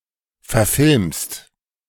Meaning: second-person singular present of verfilmen
- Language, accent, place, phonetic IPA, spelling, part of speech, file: German, Germany, Berlin, [fɛɐ̯ˈfɪlmst], verfilmst, verb, De-verfilmst.ogg